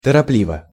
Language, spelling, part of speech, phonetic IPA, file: Russian, торопливо, adverb / adjective, [tərɐˈplʲivə], Ru-торопливо.ogg
- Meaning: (adverb) hastily (in a hasty manner); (adjective) short neuter singular of торопли́вый (toroplívyj)